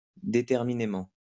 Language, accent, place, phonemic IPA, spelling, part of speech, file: French, France, Lyon, /de.tɛʁ.mi.ne.mɑ̃/, déterminément, adverb, LL-Q150 (fra)-déterminément.wav
- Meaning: determinedly; in a determined way